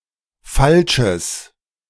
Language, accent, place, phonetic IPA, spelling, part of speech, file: German, Germany, Berlin, [ˈfalʃəs], falsches, adjective, De-falsches.ogg
- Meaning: strong/mixed nominative/accusative neuter singular of falsch